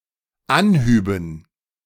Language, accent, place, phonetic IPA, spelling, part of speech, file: German, Germany, Berlin, [ˈanˌhyːbn̩], anhüben, verb, De-anhüben.ogg
- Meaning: first/third-person plural dependent subjunctive II of anheben